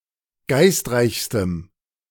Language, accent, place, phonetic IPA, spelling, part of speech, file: German, Germany, Berlin, [ˈɡaɪ̯stˌʁaɪ̯çstəm], geistreichstem, adjective, De-geistreichstem.ogg
- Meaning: strong dative masculine/neuter singular superlative degree of geistreich